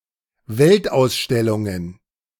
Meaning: plural of Weltausstellung
- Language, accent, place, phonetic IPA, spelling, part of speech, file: German, Germany, Berlin, [ˈvɛltʔaʊ̯sˌʃtɛlʊŋən], Weltausstellungen, noun, De-Weltausstellungen.ogg